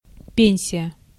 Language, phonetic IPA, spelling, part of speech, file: Russian, [ˈpʲenʲsʲɪjə], пенсия, noun, Ru-пенсия.ogg
- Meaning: 1. pension 2. retirement